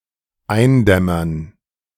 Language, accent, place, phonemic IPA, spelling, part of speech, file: German, Germany, Berlin, /ˈaɪ̯nˌdɛmɐn/, eindämmern, verb, De-eindämmern.ogg
- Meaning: 1. to fall into a light sleep, begin to doze 2. to fall (of dusk, evening), to grow darker